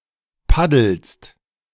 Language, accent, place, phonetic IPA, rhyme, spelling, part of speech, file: German, Germany, Berlin, [ˈpadl̩st], -adl̩st, paddelst, verb, De-paddelst.ogg
- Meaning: second-person singular present of paddeln